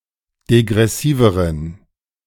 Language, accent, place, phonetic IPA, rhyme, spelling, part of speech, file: German, Germany, Berlin, [deɡʁɛˈsiːvəʁən], -iːvəʁən, degressiveren, adjective, De-degressiveren.ogg
- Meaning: inflection of degressiv: 1. strong genitive masculine/neuter singular comparative degree 2. weak/mixed genitive/dative all-gender singular comparative degree